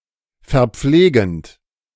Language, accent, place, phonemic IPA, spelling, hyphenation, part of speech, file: German, Germany, Berlin, /fɛɐ̯ˈpfleːɡənt/, verpflegend, ver‧pfle‧gend, verb, De-verpflegend.ogg
- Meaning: present participle of verpflegen